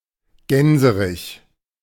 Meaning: gander (male goose)
- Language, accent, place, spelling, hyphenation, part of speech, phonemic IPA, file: German, Germany, Berlin, Gänserich, Gän‧se‧rich, noun, /ˈɡɛnzəʁɪç/, De-Gänserich.ogg